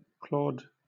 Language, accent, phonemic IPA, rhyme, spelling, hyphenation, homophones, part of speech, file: English, Southern England, /ˈklɔːd/, -ɔːd, Claude, Claude, clawed, proper noun, LL-Q1860 (eng)-Claude.wav
- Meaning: 1. A male given name from Latin 2. A placename: A city, the county seat of Armstrong County, Texas, United States